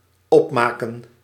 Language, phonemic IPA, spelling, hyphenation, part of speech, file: Dutch, /ˈɔpˌmaːkə(n)/, opmaken, op‧ma‧ken, verb, Nl-opmaken.ogg
- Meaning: 1. to use up (e.g. money) or eat up (all that's left to eat) 2. to finish, conclude 3. to make (a bed) 4. to put make-up on, to apply cosmetics 5. to format, to apply styling to